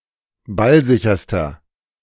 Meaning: inflection of ballsicher: 1. strong/mixed nominative masculine singular superlative degree 2. strong genitive/dative feminine singular superlative degree 3. strong genitive plural superlative degree
- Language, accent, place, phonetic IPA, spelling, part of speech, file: German, Germany, Berlin, [ˈbalˌzɪçɐstɐ], ballsicherster, adjective, De-ballsicherster.ogg